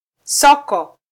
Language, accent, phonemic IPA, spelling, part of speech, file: Swahili, Kenya, /ˈsɔ.kɔ/, soko, noun, Sw-ke-soko.flac
- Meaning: market (spacious site where trading takes place)